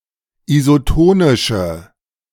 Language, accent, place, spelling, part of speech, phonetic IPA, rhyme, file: German, Germany, Berlin, isotonische, adjective, [izoˈtoːnɪʃə], -oːnɪʃə, De-isotonische.ogg
- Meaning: inflection of isotonisch: 1. strong/mixed nominative/accusative feminine singular 2. strong nominative/accusative plural 3. weak nominative all-gender singular